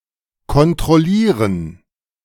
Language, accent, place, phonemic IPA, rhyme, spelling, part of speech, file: German, Germany, Berlin, /kɔntʁɔˈliːʁən/, -iːʁən, kontrollieren, verb, De-kontrollieren.ogg
- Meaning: 1. to check 2. to control